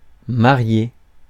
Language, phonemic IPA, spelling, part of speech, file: French, /ma.ʁje/, marié, adjective / noun, Fr-marié.ogg
- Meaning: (adjective) married; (noun) groom (husband to be)